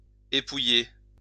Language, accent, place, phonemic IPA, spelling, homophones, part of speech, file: French, France, Lyon, /e.pu.je/, épouiller, épouillai / épouillé / épouillée / épouillées / épouillés / épouillez, verb, LL-Q150 (fra)-épouiller.wav
- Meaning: to delouse